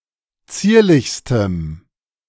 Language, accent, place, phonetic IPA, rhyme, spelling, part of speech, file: German, Germany, Berlin, [ˈt͡siːɐ̯lɪçstəm], -iːɐ̯lɪçstəm, zierlichstem, adjective, De-zierlichstem.ogg
- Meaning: strong dative masculine/neuter singular superlative degree of zierlich